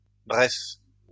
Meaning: plural of bref
- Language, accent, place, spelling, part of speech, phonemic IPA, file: French, France, Lyon, brefs, adjective, /bʁɛf/, LL-Q150 (fra)-brefs.wav